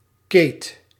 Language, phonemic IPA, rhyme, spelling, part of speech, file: Dutch, /keːt/, -eːt, keet, noun, Nl-keet.ogg
- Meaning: 1. a shack or stand 2. a barrack, shed, shanty 3. a row, unruliness, especially in keet schoppen; rumble, frolicking 4. a salt container; a salt boiling installation